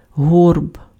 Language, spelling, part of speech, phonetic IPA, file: Ukrainian, горб, noun, [ɦɔrb], Uk-горб.ogg
- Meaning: hump, hunch